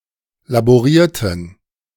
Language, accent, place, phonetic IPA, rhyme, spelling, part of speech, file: German, Germany, Berlin, [laboˈʁiːɐ̯tn̩], -iːɐ̯tn̩, laborierten, verb, De-laborierten.ogg
- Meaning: inflection of laborieren: 1. first/third-person plural preterite 2. first/third-person plural subjunctive II